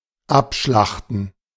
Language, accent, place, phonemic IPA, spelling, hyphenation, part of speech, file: German, Germany, Berlin, /ˈapˌʃlaxtn̩/, Abschlachten, Ab‧schlach‧ten, noun, De-Abschlachten.ogg
- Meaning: gerund of abschlachten